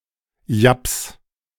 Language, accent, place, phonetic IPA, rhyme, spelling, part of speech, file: German, Germany, Berlin, [japs], -aps, japs, verb, De-japs.ogg
- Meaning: 1. singular imperative of japsen 2. first-person singular present of japsen